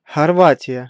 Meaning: Croatia (a country on the Balkan Peninsula in Southeastern Europe)
- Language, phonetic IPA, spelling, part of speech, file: Russian, [xɐrˈvatʲɪjə], Хорватия, proper noun, Ru-Хорватия.ogg